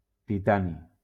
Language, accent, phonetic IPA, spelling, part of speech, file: Catalan, Valencia, [tiˈta.ni], titani, noun, LL-Q7026 (cat)-titani.wav
- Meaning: titanium